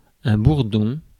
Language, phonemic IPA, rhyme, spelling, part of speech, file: French, /buʁ.dɔ̃/, -ɔ̃, bourdon, noun, Fr-bourdon.ogg
- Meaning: 1. bumblebee (species of bee) 2. drone 3. blues (feeling of sadness) 4. A pilgrim's staff 5. bourdon (large, low-pitched bell)